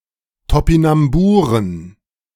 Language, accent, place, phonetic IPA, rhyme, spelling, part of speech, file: German, Germany, Berlin, [topinamˈbuːʁən], -uːʁən, Topinamburen, noun, De-Topinamburen.ogg
- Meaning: plural of Topinambur